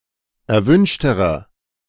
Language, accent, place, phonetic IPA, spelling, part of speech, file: German, Germany, Berlin, [ɛɐ̯ˈvʏnʃtəʁɐ], erwünschterer, adjective, De-erwünschterer.ogg
- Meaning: inflection of erwünscht: 1. strong/mixed nominative masculine singular comparative degree 2. strong genitive/dative feminine singular comparative degree 3. strong genitive plural comparative degree